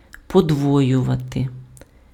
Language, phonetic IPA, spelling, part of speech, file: Ukrainian, [pɔdˈwɔjʊʋɐte], подвоювати, verb, Uk-подвоювати.ogg
- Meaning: 1. to double, to redouble 2. to reduplicate